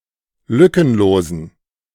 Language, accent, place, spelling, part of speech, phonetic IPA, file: German, Germany, Berlin, lückenlosen, adjective, [ˈlʏkənˌloːzn̩], De-lückenlosen.ogg
- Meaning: inflection of lückenlos: 1. strong genitive masculine/neuter singular 2. weak/mixed genitive/dative all-gender singular 3. strong/weak/mixed accusative masculine singular 4. strong dative plural